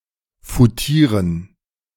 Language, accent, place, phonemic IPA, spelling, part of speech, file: German, Germany, Berlin, /fuˈtiːʁən/, foutieren, verb, De-foutieren.ogg
- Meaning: 1. to insult 2. to ignore